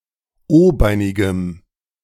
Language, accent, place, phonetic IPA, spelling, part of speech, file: German, Germany, Berlin, [ˈoːˌbaɪ̯nɪɡəm], o-beinigem, adjective, De-o-beinigem.ogg
- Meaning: strong dative masculine/neuter singular of o-beinig